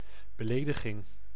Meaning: insult, affront, verbal abuse
- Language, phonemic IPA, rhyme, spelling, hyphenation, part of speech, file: Dutch, /bəˈleː.də.ɣɪŋ/, -eːdəɣɪŋ, belediging, be‧le‧di‧ging, noun, Nl-belediging.ogg